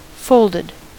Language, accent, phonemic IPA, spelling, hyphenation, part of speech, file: English, US, /ˈfoʊldɪd/, folded, fold‧ed, adjective / verb, En-us-folded.ogg
- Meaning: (adjective) Having a fold or folds; having undergone folding; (verb) simple past and past participle of fold